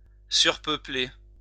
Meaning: overpopulate
- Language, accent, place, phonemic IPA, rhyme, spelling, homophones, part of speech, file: French, France, Lyon, /syʁ.pœ.ple/, -e, surpeupler, surpeuplai / surpeuplé / surpeuplée / surpeuplées / surpeuplés / surpeuplez, verb, LL-Q150 (fra)-surpeupler.wav